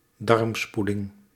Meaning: enema, clyster
- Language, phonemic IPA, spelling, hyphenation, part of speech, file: Dutch, /ˈdɑrmˌspu.lɪŋ/, darmspoeling, darm‧spoe‧ling, noun, Nl-darmspoeling.ogg